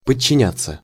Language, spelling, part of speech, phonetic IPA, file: Russian, подчиняться, verb, [pət͡ɕːɪˈnʲat͡sːə], Ru-подчиняться.ogg
- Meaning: 1. to obey, to submit to, to surrender, to be subordinate to 2. passive of подчиня́ть (podčinjátʹ)